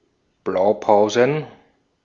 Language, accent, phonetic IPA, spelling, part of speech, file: German, Austria, [ˈblaʊ̯ˌpaʊ̯zn̩], Blaupausen, noun, De-at-Blaupausen.ogg
- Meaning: plural of Blaupause